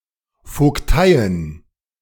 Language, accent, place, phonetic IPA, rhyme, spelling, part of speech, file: German, Germany, Berlin, [ˌfoːkˈtaɪ̯ən], -aɪ̯ən, Vogteien, noun, De-Vogteien.ogg
- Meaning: plural of Vogtei